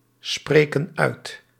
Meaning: inflection of uitspreken: 1. plural present indicative 2. plural present subjunctive
- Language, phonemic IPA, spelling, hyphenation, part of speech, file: Dutch, /ˌspreː.kən ˈœy̯t/, spreken uit, spre‧ken uit, verb, Nl-spreken uit.ogg